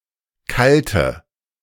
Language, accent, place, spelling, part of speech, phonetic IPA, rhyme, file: German, Germany, Berlin, kalte, adjective, [ˈkaltə], -altə, De-kalte.ogg
- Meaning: inflection of kalt: 1. strong/mixed nominative/accusative feminine singular 2. strong nominative/accusative plural 3. weak nominative all-gender singular 4. weak accusative feminine/neuter singular